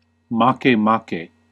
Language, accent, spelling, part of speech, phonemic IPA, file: English, US, Makemake, proper noun, /ˈmɑ.keˈmɑke/, En-us-Makemake.ogg
- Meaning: 1. The creator deity in the mythology of Easter Island 2. A dwarf planet orbiting in the Kuiper belt, discovered in 2005